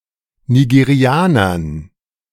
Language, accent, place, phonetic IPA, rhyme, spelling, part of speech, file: German, Germany, Berlin, [niɡeˈʁi̯aːnɐn], -aːnɐn, Nigerianern, noun, De-Nigerianern.ogg
- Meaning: dative plural of Nigerianer